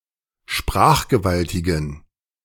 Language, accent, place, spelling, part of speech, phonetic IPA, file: German, Germany, Berlin, sprachgewaltigen, adjective, [ˈʃpʁaːxɡəˌvaltɪɡn̩], De-sprachgewaltigen.ogg
- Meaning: inflection of sprachgewaltig: 1. strong genitive masculine/neuter singular 2. weak/mixed genitive/dative all-gender singular 3. strong/weak/mixed accusative masculine singular 4. strong dative plural